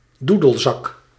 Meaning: the musical wind instrument bagpipes
- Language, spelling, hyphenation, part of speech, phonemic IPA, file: Dutch, doedelzak, doe‧del‧zak, noun, /ˈdudəlˌzɑk/, Nl-doedelzak.ogg